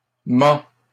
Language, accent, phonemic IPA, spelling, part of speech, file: French, Canada, /mɑ̃/, ment, verb, LL-Q150 (fra)-ment.wav
- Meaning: third-person singular present indicative of mentir